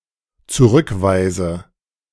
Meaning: inflection of zurückweisen: 1. first-person singular dependent present 2. first/third-person singular dependent subjunctive I
- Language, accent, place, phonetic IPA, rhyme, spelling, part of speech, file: German, Germany, Berlin, [t͡suˈʁʏkˌvaɪ̯zə], -ʏkvaɪ̯zə, zurückweise, verb, De-zurückweise.ogg